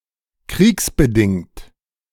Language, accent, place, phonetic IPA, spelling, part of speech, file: German, Germany, Berlin, [ˈkʁiːksbəˌdɪŋt], kriegsbedingt, adjective, De-kriegsbedingt.ogg
- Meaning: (adjective) caused by (the) war; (adverb) because of (the) war